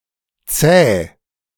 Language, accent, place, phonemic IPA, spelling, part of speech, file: German, Germany, Berlin, /tsɛː/, zäh, adjective, De-zäh.ogg
- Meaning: not easily yielding, resilient: 1. tough, tenacious, dogged 2. chewy, stringy 3. viscous, thick